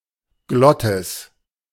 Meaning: glottis
- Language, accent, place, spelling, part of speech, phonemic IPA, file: German, Germany, Berlin, Glottis, noun, /ˈɡlɔtɪs/, De-Glottis.ogg